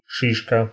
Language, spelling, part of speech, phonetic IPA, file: Russian, шишка, noun, [ˈʂɨʂkə], Ru-ши́шка.ogg
- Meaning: 1. cone, strobilus (fruit of conifers) 2. bump, bunion 3. boss